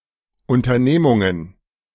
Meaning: 1. nominative plural of Unternehmung 2. genitive plural of Unternehmung 3. dative plural of Unternehmung 4. accusative plural of Unternehmung
- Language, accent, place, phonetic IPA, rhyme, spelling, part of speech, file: German, Germany, Berlin, [ˌʊntɐˈneːmʊŋən], -eːmʊŋən, Unternehmungen, noun, De-Unternehmungen.ogg